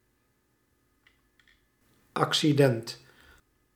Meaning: 1. accidental property 2. accident
- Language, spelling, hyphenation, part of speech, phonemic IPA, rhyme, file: Dutch, accident, ac‧ci‧dent, noun, /ˌɑk.siˈdɛnt/, -ɛnt, Nl-accident.ogg